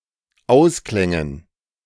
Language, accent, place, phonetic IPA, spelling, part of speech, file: German, Germany, Berlin, [ˈaʊ̯sˌklɛŋən], Ausklängen, noun, De-Ausklängen.ogg
- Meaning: dative plural of Ausklang